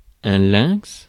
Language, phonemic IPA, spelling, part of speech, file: French, /lɛ̃ks/, lynx, noun, Fr-lynx.ogg
- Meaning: a lynx